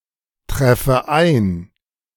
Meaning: inflection of eintreffen: 1. first-person singular present 2. first/third-person singular subjunctive I
- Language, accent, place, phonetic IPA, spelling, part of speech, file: German, Germany, Berlin, [ˌtʁɛfə ˈaɪ̯n], treffe ein, verb, De-treffe ein.ogg